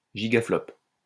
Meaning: gigaflop
- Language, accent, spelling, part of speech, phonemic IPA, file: French, France, gigaflop, noun, /ʒi.ɡa.flɔp/, LL-Q150 (fra)-gigaflop.wav